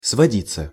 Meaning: 1. to boil down (to), to come (to) 2. to come off (of a transfer picture) 3. passive of своди́ть (svodítʹ)
- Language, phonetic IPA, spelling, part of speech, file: Russian, [svɐˈdʲit͡sːə], сводиться, verb, Ru-сводиться.ogg